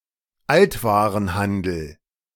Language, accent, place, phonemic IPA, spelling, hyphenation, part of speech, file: German, Germany, Berlin, /ˈaltvaːʁənˌhandəl/, Altwarenhandel, Alt‧wa‧ren‧han‧del, noun, De-Altwarenhandel.ogg
- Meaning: used goods trade